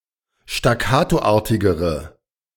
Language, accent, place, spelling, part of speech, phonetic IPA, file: German, Germany, Berlin, staccatoartigere, adjective, [ʃtaˈkaːtoˌʔaːɐ̯tɪɡəʁə], De-staccatoartigere.ogg
- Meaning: inflection of staccatoartig: 1. strong/mixed nominative/accusative feminine singular comparative degree 2. strong nominative/accusative plural comparative degree